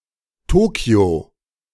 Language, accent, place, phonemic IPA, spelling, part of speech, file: German, Germany, Berlin, /ˈtoːki̯o/, Tokyo, proper noun, De-Tokyo.ogg
- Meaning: alternative spelling of Tokio